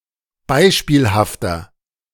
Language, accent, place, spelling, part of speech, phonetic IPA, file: German, Germany, Berlin, beispielhafter, adjective, [ˈbaɪ̯ʃpiːlhaftɐ], De-beispielhafter.ogg
- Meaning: 1. comparative degree of beispielhaft 2. inflection of beispielhaft: strong/mixed nominative masculine singular 3. inflection of beispielhaft: strong genitive/dative feminine singular